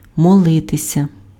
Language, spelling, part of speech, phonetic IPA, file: Ukrainian, молитися, verb, [mɔˈɫɪtesʲɐ], Uk-молитися.ogg
- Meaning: to pray (to petition a higher being)